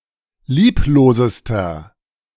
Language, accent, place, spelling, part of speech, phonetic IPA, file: German, Germany, Berlin, lieblosester, adjective, [ˈliːploːzəstɐ], De-lieblosester.ogg
- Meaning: inflection of lieblos: 1. strong/mixed nominative masculine singular superlative degree 2. strong genitive/dative feminine singular superlative degree 3. strong genitive plural superlative degree